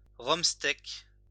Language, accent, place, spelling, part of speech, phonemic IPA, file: French, France, Lyon, romsteck, noun, /ʁɔm.stɛk/, LL-Q150 (fra)-romsteck.wav
- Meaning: alternative form of rumsteck